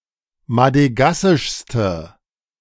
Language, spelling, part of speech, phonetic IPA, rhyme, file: German, madegassischste, adjective, [madəˈɡasɪʃstə], -asɪʃstə, De-madegassischste.ogg